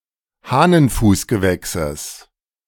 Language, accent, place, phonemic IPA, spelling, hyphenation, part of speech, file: German, Germany, Berlin, /ˈhaːnənˌfuːsɡəˌvɛksəs/, Hahnenfußgewächses, Hah‧nen‧fuß‧ge‧wäch‧ses, noun, De-Hahnenfußgewächses.ogg
- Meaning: genitive singular of Hahnenfußgewächs